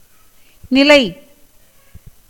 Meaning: 1. condition, state, situation, status 2. place, seat, location 3. door frame 4. pillar 5. usage, custom 6. family, tribe 7. standing, staying 8. firmness, fixedness, durability, permanence
- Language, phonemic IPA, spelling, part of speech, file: Tamil, /nɪlɐɪ̯/, நிலை, noun, Ta-நிலை.ogg